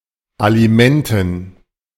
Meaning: dative plural of Alimente
- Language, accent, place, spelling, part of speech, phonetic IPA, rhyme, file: German, Germany, Berlin, Alimenten, noun, [aliˈmɛntn̩], -ɛntn̩, De-Alimenten.ogg